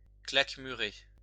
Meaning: 1. to shut up, shut in 2. to enclose 3. to trap 4. to shut oneself away 5. to limit or restrict oneself
- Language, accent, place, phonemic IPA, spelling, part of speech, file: French, France, Lyon, /klak.my.ʁe/, claquemurer, verb, LL-Q150 (fra)-claquemurer.wav